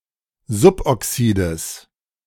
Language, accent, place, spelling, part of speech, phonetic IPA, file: German, Germany, Berlin, Suboxides, noun, [ˈzʊpʔɔˌksiːdəs], De-Suboxides.ogg
- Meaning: genitive singular of Suboxid